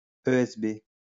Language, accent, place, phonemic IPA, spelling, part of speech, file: French, France, Lyon, /ø.ɛs.be/, ESB, noun, LL-Q150 (fra)-ESB.wav
- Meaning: BSE (bovine spongiform encephalopathy)